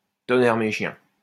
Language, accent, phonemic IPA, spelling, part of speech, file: French, France, /tɔ.nɛʁ me ʃjɛ̃/, tonnerre mes chiens, phrase, LL-Q150 (fra)-tonnerre mes chiens.wav
- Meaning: expression of anger, pain, or surprise: darn it, dang it, damnit